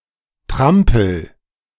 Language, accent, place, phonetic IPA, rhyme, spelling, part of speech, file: German, Germany, Berlin, [ˈtʁampl̩], -ampl̩, trampel, verb, De-trampel.ogg
- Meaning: inflection of trampeln: 1. first-person singular present 2. singular imperative